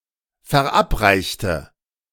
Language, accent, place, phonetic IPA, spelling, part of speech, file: German, Germany, Berlin, [fɛɐ̯ˈʔapˌʁaɪ̯çtə], verabreichte, adjective / verb, De-verabreichte.ogg
- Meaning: inflection of verabreicht: 1. strong/mixed nominative/accusative feminine singular 2. strong nominative/accusative plural 3. weak nominative all-gender singular